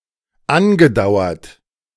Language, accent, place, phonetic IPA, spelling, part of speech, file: German, Germany, Berlin, [ˈanɡəˌdaʊ̯ɐt], angedauert, verb, De-angedauert.ogg
- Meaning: past participle of andauern